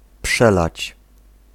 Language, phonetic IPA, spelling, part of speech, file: Polish, [ˈpʃɛlat͡ɕ], przelać, verb, Pl-przelać.ogg